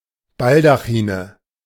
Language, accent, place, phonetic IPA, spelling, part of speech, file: German, Germany, Berlin, [ˈbaldaxiːnə], Baldachine, noun, De-Baldachine.ogg
- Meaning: nominative/accusative/genitive plural of Baldachin